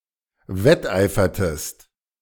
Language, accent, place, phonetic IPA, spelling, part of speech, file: German, Germany, Berlin, [ˈvɛtˌʔaɪ̯fɐtəst], wetteifertest, verb, De-wetteifertest.ogg
- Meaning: inflection of wetteifern: 1. second-person singular preterite 2. second-person singular subjunctive II